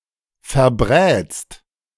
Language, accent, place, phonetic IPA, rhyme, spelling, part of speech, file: German, Germany, Berlin, [fɛɐ̯ˈbʁɛːt͡st], -ɛːt͡st, verbrätst, verb, De-verbrätst.ogg
- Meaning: second-person singular present of verbraten